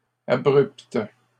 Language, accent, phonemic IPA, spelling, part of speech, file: French, Canada, /a.bʁypt/, abrupte, adjective, LL-Q150 (fra)-abrupte.wav
- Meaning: feminine singular of abrupt